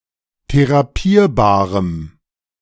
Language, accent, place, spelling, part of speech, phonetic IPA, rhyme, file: German, Germany, Berlin, therapierbarem, adjective, [teʁaˈpiːɐ̯baːʁəm], -iːɐ̯baːʁəm, De-therapierbarem.ogg
- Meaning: strong dative masculine/neuter singular of therapierbar